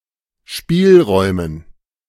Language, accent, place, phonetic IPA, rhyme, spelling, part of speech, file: German, Germany, Berlin, [ˈʃpiːlˌʁɔɪ̯mən], -iːlʁɔɪ̯mən, Spielräumen, noun, De-Spielräumen.ogg
- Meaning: dative plural of Spielraum